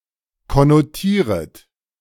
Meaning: second-person plural subjunctive I of konnotieren
- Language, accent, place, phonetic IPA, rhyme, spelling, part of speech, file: German, Germany, Berlin, [kɔnoˈtiːʁət], -iːʁət, konnotieret, verb, De-konnotieret.ogg